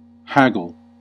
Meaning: 1. To argue for a better deal, especially over prices between a buyer and seller 2. To hack (cut crudely) 3. To stick at small matters; to chaffer; to higgle
- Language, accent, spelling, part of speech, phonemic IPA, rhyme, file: English, US, haggle, verb, /ˈhæɡəl/, -æɡəl, En-us-haggle.ogg